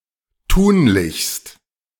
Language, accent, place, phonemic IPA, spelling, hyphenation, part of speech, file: German, Germany, Berlin, /ˈtuːnlɪçst/, tunlichst, tun‧lich‧st, adverb, De-tunlichst.ogg
- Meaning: 1. preferably (a general preference, if the situation allows it) 2. definitely (an absolute preference, risking failure or other consequences when disregarded)